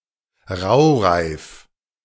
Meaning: rime, hoarfrost
- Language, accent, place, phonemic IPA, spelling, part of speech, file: German, Germany, Berlin, /ˈʁaʊ̯ˌʁaɪ̯f/, Raureif, noun, De-Raureif.ogg